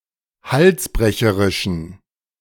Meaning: inflection of halsbrecherisch: 1. strong genitive masculine/neuter singular 2. weak/mixed genitive/dative all-gender singular 3. strong/weak/mixed accusative masculine singular 4. strong dative plural
- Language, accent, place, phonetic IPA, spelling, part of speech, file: German, Germany, Berlin, [ˈhalsˌbʁɛçəʁɪʃn̩], halsbrecherischen, adjective, De-halsbrecherischen.ogg